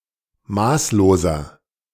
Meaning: 1. comparative degree of maßlos 2. inflection of maßlos: strong/mixed nominative masculine singular 3. inflection of maßlos: strong genitive/dative feminine singular
- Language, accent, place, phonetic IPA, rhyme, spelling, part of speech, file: German, Germany, Berlin, [ˈmaːsloːzɐ], -aːsloːzɐ, maßloser, adjective, De-maßloser.ogg